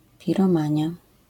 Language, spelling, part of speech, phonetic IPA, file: Polish, piromania, noun, [ˌpʲirɔ̃ˈmãɲja], LL-Q809 (pol)-piromania.wav